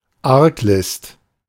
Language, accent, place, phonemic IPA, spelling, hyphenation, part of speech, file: German, Germany, Berlin, /ˈaʁkˌlɪst/, Arglist, Arg‧list, noun, De-Arglist.ogg
- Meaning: malice